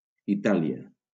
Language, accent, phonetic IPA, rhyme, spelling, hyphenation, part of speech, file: Catalan, Valencia, [iˈta.li.a], -alia, Itàlia, I‧tà‧li‧a, proper noun, LL-Q7026 (cat)-Itàlia.wav
- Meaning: Italy (a country in Southern Europe)